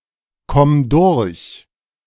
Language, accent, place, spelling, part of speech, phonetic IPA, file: German, Germany, Berlin, komm durch, verb, [ˌkɔm ˈdʊʁç], De-komm durch.ogg
- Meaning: singular imperative of durchkommen